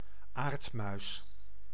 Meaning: field vole (Microtus agrestis)
- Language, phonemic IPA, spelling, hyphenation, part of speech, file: Dutch, /ˈaːrt.mœy̯s/, aardmuis, aard‧muis, noun, Nl-aardmuis.ogg